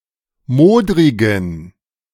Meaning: inflection of modrig: 1. strong genitive masculine/neuter singular 2. weak/mixed genitive/dative all-gender singular 3. strong/weak/mixed accusative masculine singular 4. strong dative plural
- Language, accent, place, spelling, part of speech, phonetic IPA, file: German, Germany, Berlin, modrigen, adjective, [ˈmoːdʁɪɡn̩], De-modrigen.ogg